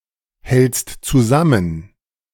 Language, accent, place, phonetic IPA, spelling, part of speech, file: German, Germany, Berlin, [ˌhɛlt͡st t͡suˈzamən], hältst zusammen, verb, De-hältst zusammen.ogg
- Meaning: second-person singular present of zusammenhalten